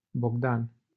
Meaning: a male given name
- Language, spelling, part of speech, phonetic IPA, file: Romanian, Bogdan, proper noun, [boɡˈdan], LL-Q7913 (ron)-Bogdan.wav